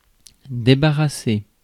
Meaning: 1. to clear (a table, a desk etc.) 2. to rid, to relieve (someone) 3. to get rid, rid oneself 4. to remove, to take off
- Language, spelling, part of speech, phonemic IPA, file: French, débarrasser, verb, /de.ba.ʁa.se/, Fr-débarrasser.ogg